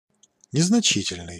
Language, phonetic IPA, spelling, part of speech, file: Russian, [nʲɪznɐˈt͡ɕitʲɪlʲnɨj], незначительный, adjective, Ru-незначительный.ogg
- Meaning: 1. insignificant, unimportant, negligible, minor, marginal 2. small, slight, little